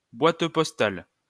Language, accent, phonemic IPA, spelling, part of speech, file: French, France, /bwat pɔs.tal/, boîte postale, noun, LL-Q150 (fra)-boîte postale.wav
- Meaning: post office box (uniquely addressable lockable box located on the premises of a post office that may be hired as collection point for mail)